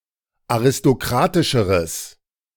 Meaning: strong/mixed nominative/accusative neuter singular comparative degree of aristokratisch
- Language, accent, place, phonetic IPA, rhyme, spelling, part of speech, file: German, Germany, Berlin, [aʁɪstoˈkʁaːtɪʃəʁəs], -aːtɪʃəʁəs, aristokratischeres, adjective, De-aristokratischeres.ogg